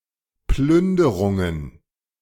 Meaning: plural of Plünderung
- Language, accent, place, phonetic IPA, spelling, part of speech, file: German, Germany, Berlin, [ˈplʏndəʁʊŋən], Plünderungen, noun, De-Plünderungen.ogg